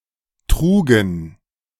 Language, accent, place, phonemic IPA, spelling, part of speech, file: German, Germany, Berlin, /tʁuːɡn̩/, trugen, verb, De-trugen.ogg
- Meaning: first/third-person plural preterite of tragen